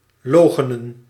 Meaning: 1. to deny, to withsay (to assert the falsity or non-existence of) 2. to disavow, to deny
- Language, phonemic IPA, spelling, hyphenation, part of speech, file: Dutch, /ˈloː.xə.nə(n)/, loochenen, loo‧che‧nen, verb, Nl-loochenen.ogg